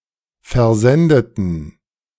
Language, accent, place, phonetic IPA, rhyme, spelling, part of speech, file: German, Germany, Berlin, [fɛɐ̯ˈzɛndətn̩], -ɛndətn̩, versendeten, adjective / verb, De-versendeten.ogg
- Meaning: inflection of versenden: 1. first/third-person plural preterite 2. first/third-person plural subjunctive II